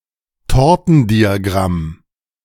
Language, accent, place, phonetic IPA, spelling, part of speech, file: German, Germany, Berlin, [ˈtɔʁtn̩diaˌɡʁam], Tortendiagramm, noun, De-Tortendiagramm.ogg
- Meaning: pie chart